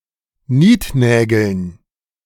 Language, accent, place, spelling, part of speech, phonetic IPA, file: German, Germany, Berlin, Niednägeln, noun, [ˈniːtˌnɛːɡl̩n], De-Niednägeln.ogg
- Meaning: dative plural of Niednagel